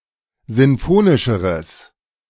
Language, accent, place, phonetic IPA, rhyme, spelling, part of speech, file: German, Germany, Berlin, [ˌzɪnˈfoːnɪʃəʁəs], -oːnɪʃəʁəs, sinfonischeres, adjective, De-sinfonischeres.ogg
- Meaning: strong/mixed nominative/accusative neuter singular comparative degree of sinfonisch